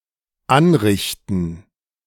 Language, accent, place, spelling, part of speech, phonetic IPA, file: German, Germany, Berlin, Anrichten, noun, [ˈanˌʁɪçtn̩], De-Anrichten.ogg
- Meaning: 1. gerund of anrichten 2. plural of Anrichte